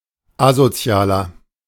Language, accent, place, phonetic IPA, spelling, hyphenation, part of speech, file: German, Germany, Berlin, [ˈazoˌt͡si̯aːlɐ], Asozialer, A‧so‧zi‧a‧ler, noun, De-Asozialer.ogg
- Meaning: 1. antisocial person (male or of unspecified gender) 2. inflection of Asoziale: strong genitive/dative singular 3. inflection of Asoziale: strong genitive plural